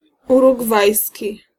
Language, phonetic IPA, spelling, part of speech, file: Polish, [ˌuruɡˈvajsʲci], urugwajski, adjective, Pl-urugwajski.ogg